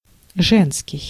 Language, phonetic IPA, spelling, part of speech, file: Russian, [ˈʐɛnskʲɪj], женский, adjective, Ru-женский.ogg
- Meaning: 1. female 2. woman's, women's 3. feminine